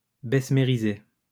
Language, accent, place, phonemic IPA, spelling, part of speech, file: French, France, Lyon, /bɛs.me.ʁi.ze/, bessemériser, verb, LL-Q150 (fra)-bessemériser.wav
- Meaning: to bessemerize